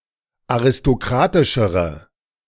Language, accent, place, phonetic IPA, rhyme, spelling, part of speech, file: German, Germany, Berlin, [aʁɪstoˈkʁaːtɪʃəʁə], -aːtɪʃəʁə, aristokratischere, adjective, De-aristokratischere.ogg
- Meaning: inflection of aristokratisch: 1. strong/mixed nominative/accusative feminine singular comparative degree 2. strong nominative/accusative plural comparative degree